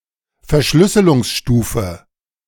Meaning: encryption level
- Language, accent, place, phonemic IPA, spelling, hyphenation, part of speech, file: German, Germany, Berlin, /fɛɐ̯ˈʃlʏsəlʊŋsˌʃtuːfə/, Verschlüsselungsstufe, Ver‧schlüs‧se‧lungs‧stu‧fe, noun, De-Verschlüsselungsstufe.ogg